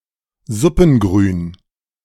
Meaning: vegetables used as base for stock: celery, carrots, leek etc
- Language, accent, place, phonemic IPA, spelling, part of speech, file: German, Germany, Berlin, /ˈzʊpn̩ˌɡʁyːn/, Suppengrün, noun, De-Suppengrün.ogg